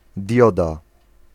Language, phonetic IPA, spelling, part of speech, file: Polish, [ˈdʲjɔda], dioda, noun, Pl-dioda.ogg